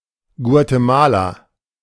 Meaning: Guatemala (a country in northern Central America)
- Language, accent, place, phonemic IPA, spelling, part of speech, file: German, Germany, Berlin, /ˌɡu̯ateˈmaːla/, Guatemala, proper noun, De-Guatemala.ogg